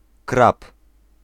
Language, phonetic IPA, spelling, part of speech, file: Polish, [krap], krab, noun, Pl-krab.ogg